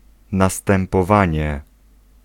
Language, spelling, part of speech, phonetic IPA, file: Polish, następowanie, noun, [ˌnastɛ̃mpɔˈvãɲɛ], Pl-następowanie.ogg